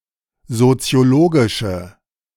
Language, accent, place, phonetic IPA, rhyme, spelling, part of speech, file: German, Germany, Berlin, [zot͡si̯oˈloːɡɪʃə], -oːɡɪʃə, soziologische, adjective, De-soziologische.ogg
- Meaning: inflection of soziologisch: 1. strong/mixed nominative/accusative feminine singular 2. strong nominative/accusative plural 3. weak nominative all-gender singular